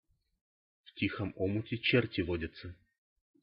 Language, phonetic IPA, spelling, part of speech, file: Russian, [ˈf‿tʲixəm ˈomʊtʲe ˈt͡ɕertʲɪ ˈvodʲɪt͡sə], в тихом омуте черти водятся, proverb, Ru-в тихом омуте черти водятся.ogg
- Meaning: beneath a placid exterior, a person may harbor turbulent desires